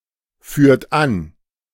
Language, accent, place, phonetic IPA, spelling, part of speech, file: German, Germany, Berlin, [ˌfyːɐ̯t ˈan], führt an, verb, De-führt an.ogg
- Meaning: inflection of anführen: 1. second-person plural present 2. third-person singular present 3. plural imperative